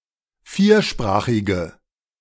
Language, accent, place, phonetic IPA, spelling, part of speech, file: German, Germany, Berlin, [ˈfiːɐ̯ˌʃpʁaːxɪɡə], viersprachige, adjective, De-viersprachige.ogg
- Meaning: inflection of viersprachig: 1. strong/mixed nominative/accusative feminine singular 2. strong nominative/accusative plural 3. weak nominative all-gender singular